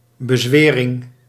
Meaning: 1. oath 2. exorcism 3. conjuration, incantation
- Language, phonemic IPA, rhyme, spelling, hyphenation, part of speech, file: Dutch, /bəˈzʋeː.rɪŋ/, -eːrɪŋ, bezwering, be‧zwe‧ring, noun, Nl-bezwering.ogg